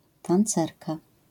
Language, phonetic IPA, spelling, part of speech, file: Polish, [tãnˈt͡sɛrka], tancerka, noun, LL-Q809 (pol)-tancerka.wav